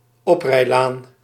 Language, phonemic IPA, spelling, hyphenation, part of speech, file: Dutch, /ˈɔp.rɛi̯ˌlaːn/, oprijlaan, op‧rij‧laan, noun, Nl-oprijlaan.ogg
- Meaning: driveway